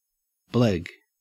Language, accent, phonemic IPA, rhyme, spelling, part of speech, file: English, Australia, /blɛɡ/, -ɛɡ, bleg, noun / verb, En-au-bleg.ogg
- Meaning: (noun) 1. A pouting (Trisopterus luscus) 2. An entry on a blog requesting information or contributions; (verb) To create an entry on a blog requesting information or contributions